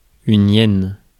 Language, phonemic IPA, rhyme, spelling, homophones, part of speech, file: French, /jɛn/, -ɛn, hyène, yen, noun, Fr-hyène.ogg
- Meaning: hyena (animal)